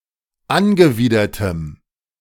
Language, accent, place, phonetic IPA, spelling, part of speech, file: German, Germany, Berlin, [ˈanɡəˌviːdɐtəm], angewidertem, adjective, De-angewidertem.ogg
- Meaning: strong dative masculine/neuter singular of angewidert